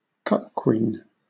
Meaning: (noun) A woman who has an unfaithful partner; (now often specifically), a woman aroused by the sexual infidelity of her partner; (verb) To make a woman into a cuckquean
- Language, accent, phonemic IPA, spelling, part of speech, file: English, Southern England, /ˈkʌk.kwiːn/, cuckquean, noun / verb, LL-Q1860 (eng)-cuckquean.wav